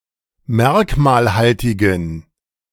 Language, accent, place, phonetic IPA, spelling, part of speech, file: German, Germany, Berlin, [ˈmɛʁkmaːlˌhaltɪɡn̩], merkmalhaltigen, adjective, De-merkmalhaltigen.ogg
- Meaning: inflection of merkmalhaltig: 1. strong genitive masculine/neuter singular 2. weak/mixed genitive/dative all-gender singular 3. strong/weak/mixed accusative masculine singular 4. strong dative plural